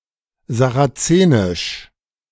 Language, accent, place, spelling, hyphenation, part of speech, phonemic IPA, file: German, Germany, Berlin, sarazenisch, sa‧ra‧ze‧nisch, adjective, /zaʁaˈt͡seːnɪʃ/, De-sarazenisch.ogg
- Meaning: of the Saracenes; Saracenic